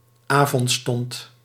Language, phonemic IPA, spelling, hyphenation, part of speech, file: Dutch, /ˈaː.vɔntˌstɔnt/, avondstond, avond‧stond, noun, Nl-avondstond.ogg
- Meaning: eventide